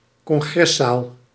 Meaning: conference hall, convention hall
- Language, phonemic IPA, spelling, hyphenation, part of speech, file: Dutch, /kɔŋˈɣrɛˌsaːl/, congreszaal, con‧gres‧zaal, noun, Nl-congreszaal.ogg